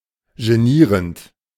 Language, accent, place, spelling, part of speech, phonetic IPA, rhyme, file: German, Germany, Berlin, genierend, verb, [ʒeˈniːʁənt], -iːʁənt, De-genierend.ogg
- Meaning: present participle of genieren